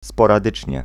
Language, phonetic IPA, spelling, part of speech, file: Polish, [ˌspɔraˈdɨt͡ʃʲɲɛ], sporadycznie, adverb, Pl-sporadycznie.ogg